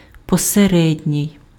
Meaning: mediocre
- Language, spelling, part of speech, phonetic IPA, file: Ukrainian, посередній, adjective, [pɔseˈrɛdʲnʲii̯], Uk-посередній.ogg